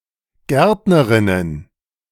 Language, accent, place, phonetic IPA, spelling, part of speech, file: German, Germany, Berlin, [ˈɡɛʁtnəʁɪnən], Gärtnerinnen, noun, De-Gärtnerinnen.ogg
- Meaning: plural of Gärtnerin